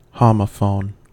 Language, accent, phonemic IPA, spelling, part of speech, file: English, US, /ˈhɑməfoʊn/, homophone, noun, En-us-homophone.ogg
- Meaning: 1. A word which is pronounced the same as another word but differs in spelling or meaning or origin 2. A letter or group of letters which are pronounced the same as another letter or group of letters